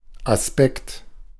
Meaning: aspect
- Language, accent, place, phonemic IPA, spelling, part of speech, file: German, Germany, Berlin, /ʔasˈpɛkt/, Aspekt, noun, De-Aspekt.ogg